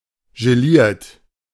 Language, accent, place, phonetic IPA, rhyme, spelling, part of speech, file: German, Germany, Berlin, [ʒeˈliːɐ̯t], -iːɐ̯t, geliert, verb, De-geliert.ogg
- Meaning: 1. past participle of gelieren 2. inflection of gelieren: third-person singular present 3. inflection of gelieren: second-person plural present 4. inflection of gelieren: plural imperative